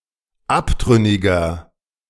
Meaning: inflection of abtrünnig: 1. strong/mixed nominative masculine singular 2. strong genitive/dative feminine singular 3. strong genitive plural
- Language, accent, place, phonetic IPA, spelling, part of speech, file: German, Germany, Berlin, [ˈaptʁʏnɪɡɐ], abtrünniger, adjective, De-abtrünniger.ogg